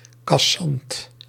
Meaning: brusque, catty, acrid
- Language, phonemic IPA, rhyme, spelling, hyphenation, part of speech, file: Dutch, /kɑˈsɑnt/, -ɑnt, cassant, cas‧sant, adjective, Nl-cassant.ogg